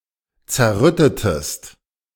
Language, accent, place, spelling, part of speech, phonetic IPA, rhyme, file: German, Germany, Berlin, zerrüttetest, verb, [t͡sɛɐ̯ˈʁʏtətəst], -ʏtətəst, De-zerrüttetest.ogg
- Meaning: inflection of zerrütten: 1. second-person singular preterite 2. second-person singular subjunctive II